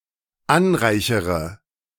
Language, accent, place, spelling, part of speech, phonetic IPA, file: German, Germany, Berlin, anreichere, verb, [ˈanˌʁaɪ̯çəʁə], De-anreichere.ogg
- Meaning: inflection of anreichern: 1. first-person singular dependent present 2. first/third-person singular dependent subjunctive I